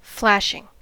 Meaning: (noun) A sudden blazing or bursting, as of fire or water
- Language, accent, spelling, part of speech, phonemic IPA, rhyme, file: English, US, flashing, noun / verb, /ˈflæʃɪŋ/, -æʃɪŋ, En-us-flashing.ogg